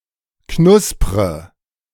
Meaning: inflection of knuspern: 1. first-person singular present 2. first/third-person singular subjunctive I 3. singular imperative
- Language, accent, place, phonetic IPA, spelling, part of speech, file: German, Germany, Berlin, [ˈknʊspʁə], knuspre, verb, De-knuspre.ogg